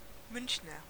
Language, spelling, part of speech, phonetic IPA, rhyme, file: German, Münchner, noun / adjective, [ˈmʏnçnɐ], -ʏnçnɐ, De-Münchner.ogg